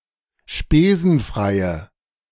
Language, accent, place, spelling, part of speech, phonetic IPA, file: German, Germany, Berlin, spesenfreie, adjective, [ˈʃpeːzn̩ˌfʁaɪ̯ə], De-spesenfreie.ogg
- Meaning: inflection of spesenfrei: 1. strong/mixed nominative/accusative feminine singular 2. strong nominative/accusative plural 3. weak nominative all-gender singular